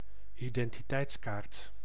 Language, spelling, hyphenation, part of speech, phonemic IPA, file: Dutch, identiteitskaart, iden‧ti‧teits‧kaart, noun, /i.dɛn.tiˈtɛi̯tsˌkaːrt/, Nl-identiteitskaart.ogg
- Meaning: an ID card, an identity card